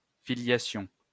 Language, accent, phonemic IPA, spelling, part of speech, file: French, France, /fi.lja.sjɔ̃/, filiation, noun, LL-Q150 (fra)-filiation.wav
- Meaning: filiation